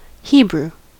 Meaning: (adjective) Of or pertaining to the Hebrew people or language; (noun) A member or descendant of a Semitic people claiming descent from Abraham, Isaac, and Jacob
- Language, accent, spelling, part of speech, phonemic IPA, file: English, US, Hebrew, adjective / noun / proper noun, /ˈhiːbɹuː/, En-us-Hebrew.ogg